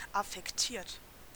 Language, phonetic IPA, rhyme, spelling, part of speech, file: German, [afɛkˈtiːɐ̯t], -iːɐ̯t, affektiert, adjective / verb, De-affektiert.ogg
- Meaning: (verb) past participle of affektieren; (adjective) 1. affected 2. lah-di-dah